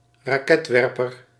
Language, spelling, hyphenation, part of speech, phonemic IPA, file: Dutch, raketwerper, ra‧ket‧wer‧per, noun, /raːˈkɛtˌʋɛr.pər/, Nl-raketwerper.ogg
- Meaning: rocket launcher (explosive projectile weapon)